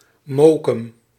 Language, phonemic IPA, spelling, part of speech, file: Dutch, /ˈmoːkəm/, Mokum, proper noun, Nl-Mokum.ogg
- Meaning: the city of Amsterdam, The Netherlands